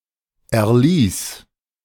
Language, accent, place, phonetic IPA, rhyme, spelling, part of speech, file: German, Germany, Berlin, [ɛɐ̯ˈliːs], -iːs, erlies, verb, De-erlies.ogg
- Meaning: singular imperative of erlesen